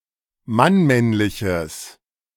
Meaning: strong/mixed nominative/accusative neuter singular of mannmännlich
- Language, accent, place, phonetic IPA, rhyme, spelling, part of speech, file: German, Germany, Berlin, [manˈmɛnlɪçəs], -ɛnlɪçəs, mannmännliches, adjective, De-mannmännliches.ogg